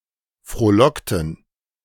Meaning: inflection of frohlocken: 1. first/third-person plural preterite 2. first/third-person plural subjunctive II
- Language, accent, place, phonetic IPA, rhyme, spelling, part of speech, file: German, Germany, Berlin, [fʁoːˈlɔktn̩], -ɔktn̩, frohlockten, verb, De-frohlockten.ogg